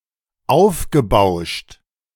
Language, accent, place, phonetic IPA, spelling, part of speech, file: German, Germany, Berlin, [ˈaʊ̯fɡəˌbaʊ̯ʃt], aufgebauscht, verb, De-aufgebauscht.ogg
- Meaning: past participle of aufbauschen